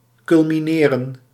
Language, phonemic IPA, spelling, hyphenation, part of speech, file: Dutch, /kʏlmiˈneːrə(n)/, culmineren, cul‧mi‧ne‧ren, verb, Nl-culmineren.ogg
- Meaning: 1. to culminate, to reach one's highest altitude, to pass through the meridian 2. to culminate, to reach one's highpoint